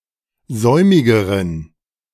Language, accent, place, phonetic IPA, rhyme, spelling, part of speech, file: German, Germany, Berlin, [ˈzɔɪ̯mɪɡəʁən], -ɔɪ̯mɪɡəʁən, säumigeren, adjective, De-säumigeren.ogg
- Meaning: inflection of säumig: 1. strong genitive masculine/neuter singular comparative degree 2. weak/mixed genitive/dative all-gender singular comparative degree